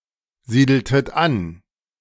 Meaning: inflection of ansiedeln: 1. second-person plural preterite 2. second-person plural subjunctive II
- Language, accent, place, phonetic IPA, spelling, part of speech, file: German, Germany, Berlin, [ˌziːdl̩tət ˈan], siedeltet an, verb, De-siedeltet an.ogg